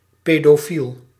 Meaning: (noun) pedophile; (adjective) pedophilic
- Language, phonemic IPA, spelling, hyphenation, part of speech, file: Dutch, /ˌpedoˈfil/, pedofiel, pe‧do‧fiel, noun / adjective, Nl-pedofiel.ogg